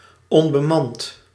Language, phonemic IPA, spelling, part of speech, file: Dutch, /ˈɔmbəˌmɑnt/, onbemand, adjective, Nl-onbemand.ogg
- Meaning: unmanned